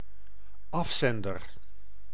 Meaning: sender, consigner, dispatcher (e.g., of a letter)
- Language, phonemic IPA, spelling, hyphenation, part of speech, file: Dutch, /ˈɑfˌsɛn.dər/, afzender, af‧zen‧der, noun, Nl-afzender.ogg